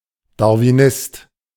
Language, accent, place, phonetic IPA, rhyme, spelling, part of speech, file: German, Germany, Berlin, [daʁviˈnɪst], -ɪst, Darwinist, noun, De-Darwinist.ogg
- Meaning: Darwinist